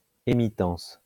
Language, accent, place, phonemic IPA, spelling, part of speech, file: French, France, Lyon, /e.mi.tɑ̃s/, émittance, noun, LL-Q150 (fra)-émittance.wav
- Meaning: emittance